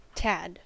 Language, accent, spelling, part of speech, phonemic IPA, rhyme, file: English, US, tad, noun, /tæd/, -æd, En-us-tad.ogg
- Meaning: 1. A small amount; a little bit 2. A street boy; an urchin